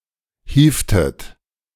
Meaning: inflection of hieven: 1. second-person plural preterite 2. second-person plural subjunctive II
- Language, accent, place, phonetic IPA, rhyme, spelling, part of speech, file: German, Germany, Berlin, [ˈhiːftət], -iːftət, hievtet, verb, De-hievtet.ogg